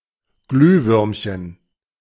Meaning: glowworm, firefly
- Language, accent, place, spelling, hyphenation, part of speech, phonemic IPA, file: German, Germany, Berlin, Glühwürmchen, Glüh‧würm‧chen, noun, /ˈɡlyːˌvʏʁmçən/, De-Glühwürmchen.ogg